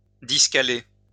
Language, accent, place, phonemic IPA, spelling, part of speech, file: French, France, Lyon, /dis.ka.le/, discaler, verb, LL-Q150 (fra)-discaler.wav
- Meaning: "(com.) to tare, to diminish"